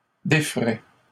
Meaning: third-person plural conditional of défaire
- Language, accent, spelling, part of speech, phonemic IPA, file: French, Canada, déferaient, verb, /de.fʁɛ/, LL-Q150 (fra)-déferaient.wav